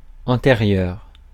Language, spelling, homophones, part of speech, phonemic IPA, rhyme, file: French, antérieur, antérieure / antérieures / antérieurs, adjective, /ɑ̃.te.ʁjœʁ/, -jœʁ, Fr-antérieur.ogg
- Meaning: 1. preceding, anterior 2. previous